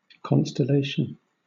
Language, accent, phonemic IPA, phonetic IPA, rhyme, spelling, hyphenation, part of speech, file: English, Southern England, /ˌkɒn.stəˈleɪ.ʃən/, [ˌkɒn.stəˈleɪ.ʃn̩], -eɪʃən, constellation, con‧stel‧la‧tion, noun, LL-Q1860 (eng)-constellation.wav